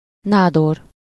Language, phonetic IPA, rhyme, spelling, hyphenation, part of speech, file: Hungarian, [ˈnaːdor], -or, nádor, ná‧dor, noun, Hu-nádor.ogg
- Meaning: palatine (was the highest dignitary in the Kingdom of Hungary after the king—a kind of powerful prime minister and supreme judge—from the kingdom’s rise up to 1848/1918)